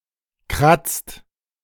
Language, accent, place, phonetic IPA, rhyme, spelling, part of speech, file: German, Germany, Berlin, [kʁat͡st], -at͡st, kratzt, verb, De-kratzt.ogg
- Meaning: inflection of kratzen: 1. second/third-person singular present 2. second-person plural present 3. plural imperative